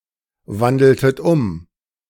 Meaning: inflection of umwandeln: 1. second-person plural preterite 2. second-person plural subjunctive II
- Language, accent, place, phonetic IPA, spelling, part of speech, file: German, Germany, Berlin, [ˌvandl̩tət ˈʊm], wandeltet um, verb, De-wandeltet um.ogg